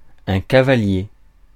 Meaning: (noun) 1. horseman: knight 2. horseman: cavalier 3. horseman: horserider 4. knight 5. knight (in tarot) 6. U-nail, fence staple, construction staple 7. cable clip 8. partner
- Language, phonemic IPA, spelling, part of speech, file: French, /ka.va.lje/, cavalier, noun / adjective, Fr-cavalier.ogg